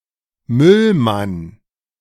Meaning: bin man, garbage man, garbage collector (male or of unspecified gender)
- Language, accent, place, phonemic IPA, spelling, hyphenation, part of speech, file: German, Germany, Berlin, /ˈmʏlman/, Müllmann, Müll‧mann, noun, De-Müllmann.ogg